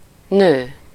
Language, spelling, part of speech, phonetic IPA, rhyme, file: Hungarian, nő, noun / verb, [ˈnøː], -nøː, Hu-nő.ogg
- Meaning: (noun) 1. woman 2. female partner or lover, mistress, girlfriend 3. wife (sometimes still occurring e.g. in the phrase nőül vesz (“to marry [a woman]”))